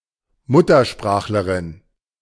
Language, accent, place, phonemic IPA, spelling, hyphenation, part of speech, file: German, Germany, Berlin, /ˈmʊt.ɐˌʃpʁaːx.lə.ʁɪn/, Muttersprachlerin, Mut‧ter‧sprach‧le‧rin, noun, De-Muttersprachlerin.ogg
- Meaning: female equivalent of Muttersprachler (“native speaker”)